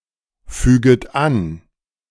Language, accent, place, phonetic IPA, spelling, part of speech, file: German, Germany, Berlin, [ˌfyːɡət ˈan], füget an, verb, De-füget an.ogg
- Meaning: second-person plural subjunctive I of anfügen